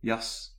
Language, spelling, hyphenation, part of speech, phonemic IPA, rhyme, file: Dutch, jas, jas, noun / verb, /jɑs/, -ɑs, Nl-jas.ogg
- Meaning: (noun) 1. a coat (outer garment) 2. someone who hasn't been born and raised in Volendam 3. a jack or knave, especially as a trump card